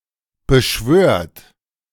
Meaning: inflection of beschwören: 1. third-person singular present 2. second-person plural present 3. plural imperative
- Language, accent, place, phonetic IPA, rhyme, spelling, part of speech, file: German, Germany, Berlin, [bəˈʃvøːɐ̯t], -øːɐ̯t, beschwört, verb, De-beschwört.ogg